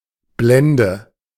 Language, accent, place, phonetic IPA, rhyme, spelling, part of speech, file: German, Germany, Berlin, [ˈblɛndə], -ɛndə, Blende, noun, De-Blende.ogg
- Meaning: 1. sun visor; also called Sonnenblende 2. diaphragm (in photography) 3. translucent sulfide mineral